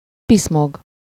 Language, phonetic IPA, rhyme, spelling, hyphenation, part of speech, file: Hungarian, [ˈpismoɡ], -oɡ, piszmog, pisz‧mog, verb, Hu-piszmog.ogg
- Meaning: to dawdle over, potter about, tinker with (to do something lengthily or with unnecessary meticulousness)